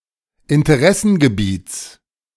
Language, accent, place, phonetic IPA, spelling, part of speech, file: German, Germany, Berlin, [ɪntəˈʁɛsn̩ɡəˌbiːt͡s], Interessengebiets, noun, De-Interessengebiets.ogg
- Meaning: genitive of Interessengebiet